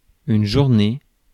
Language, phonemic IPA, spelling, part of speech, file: French, /ʒuʁ.ne/, journée, noun, Fr-journée.ogg
- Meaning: 1. day 2. daytime